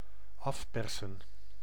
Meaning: to extort
- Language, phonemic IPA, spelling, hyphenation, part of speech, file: Dutch, /ˈɑfpɛrsə(n)/, afpersen, af‧per‧sen, verb, Nl-afpersen.ogg